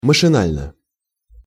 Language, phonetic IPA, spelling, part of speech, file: Russian, [məʂɨˈnalʲnə], машинально, adverb, Ru-машинально.ogg
- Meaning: 1. mechanically 2. automatically, subconsciously 3. absentmindedly, without thought